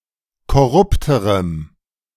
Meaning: strong dative masculine/neuter singular comparative degree of korrupt
- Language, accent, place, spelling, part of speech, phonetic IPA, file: German, Germany, Berlin, korrupterem, adjective, [kɔˈʁʊptəʁəm], De-korrupterem.ogg